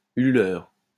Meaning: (adjective) hooting; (noun) 1. hooter 2. wobbler, wobbulator
- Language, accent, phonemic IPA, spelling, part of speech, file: French, France, /y.ly.lœʁ/, hululeur, adjective / noun, LL-Q150 (fra)-hululeur.wav